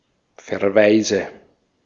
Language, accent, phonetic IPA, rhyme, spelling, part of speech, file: German, Austria, [fɛɐ̯ˈvaɪ̯zə], -aɪ̯zə, Verweise, noun, De-at-Verweise.ogg
- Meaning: 1. nominative/accusative/genitive plural of Verweis 2. dative of Verweis